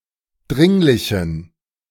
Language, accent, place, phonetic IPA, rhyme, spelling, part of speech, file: German, Germany, Berlin, [ˈdʁɪŋlɪçn̩], -ɪŋlɪçn̩, dringlichen, adjective, De-dringlichen.ogg
- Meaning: inflection of dringlich: 1. strong genitive masculine/neuter singular 2. weak/mixed genitive/dative all-gender singular 3. strong/weak/mixed accusative masculine singular 4. strong dative plural